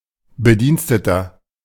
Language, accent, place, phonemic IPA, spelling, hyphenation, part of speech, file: German, Germany, Berlin, /bəˈdiːnstətɐ/, Bediensteter, Be‧diens‧te‧ter, noun, De-Bediensteter.ogg
- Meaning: 1. employee, staff member (male or of unspecified gender) 2. servant (male or of unspecified gender) 3. inflection of Bedienstete: strong genitive/dative singular